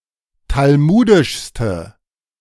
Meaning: inflection of talmudisch: 1. strong/mixed nominative/accusative feminine singular superlative degree 2. strong nominative/accusative plural superlative degree
- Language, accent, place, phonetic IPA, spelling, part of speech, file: German, Germany, Berlin, [talˈmuːdɪʃstə], talmudischste, adjective, De-talmudischste.ogg